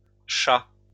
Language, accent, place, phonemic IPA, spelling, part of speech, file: French, France, Lyon, /ʃa/, shah, noun, LL-Q150 (fra)-shah.wav
- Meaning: alternative spelling of schah